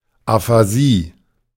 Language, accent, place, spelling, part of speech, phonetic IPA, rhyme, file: German, Germany, Berlin, Aphasie, noun, [afaˈziː], -iː, De-Aphasie.ogg
- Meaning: aphasia (pathological speech disorder)